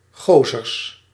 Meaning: plural of gozer
- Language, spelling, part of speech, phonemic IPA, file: Dutch, gozers, noun, /ˈɣozərs/, Nl-gozers.ogg